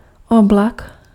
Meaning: 1. cloud (visible mass of water droplets in the air) 2. cloud (mass of dust or smoke)
- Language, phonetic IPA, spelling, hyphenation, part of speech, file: Czech, [ˈoblak], oblak, ob‧lak, noun, Cs-oblak.ogg